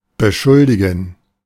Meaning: to accuse, to blame
- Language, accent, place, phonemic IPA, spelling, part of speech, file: German, Germany, Berlin, /bəˈʃʊldiɡən/, beschuldigen, verb, De-beschuldigen.ogg